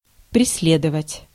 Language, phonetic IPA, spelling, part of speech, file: Russian, [prʲɪs⁽ʲ⁾ˈlʲedəvətʲ], преследовать, verb, Ru-преследовать.ogg
- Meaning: 1. to pursue, to chase 2. to persecute 3. to torment, to victimize 4. to prosecute 5. to strive (for); to pursue 6. to haunt